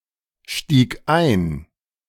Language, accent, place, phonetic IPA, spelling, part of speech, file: German, Germany, Berlin, [ˈʃtiːk ˈaɪ̯n], stieg ein, verb, De-stieg ein.ogg
- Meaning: first/third-person singular preterite of einsteigen